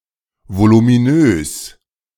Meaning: 1. voluminous 2. bulky
- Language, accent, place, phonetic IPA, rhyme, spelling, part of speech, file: German, Germany, Berlin, [volumiˈnøːs], -øːs, voluminös, adjective, De-voluminös.ogg